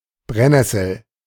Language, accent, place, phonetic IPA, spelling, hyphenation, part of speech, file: German, Germany, Berlin, [ˈbʁɛ(n)ˌnɛsl̩], Brennnessel, Brenn‧nes‧sel, noun, De-Brennnessel.ogg
- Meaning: 1. nettle (stinging herb of genus Urtica) 2. stinging nettle, Urtica dioica 3. Indian sunburn, Chinese burn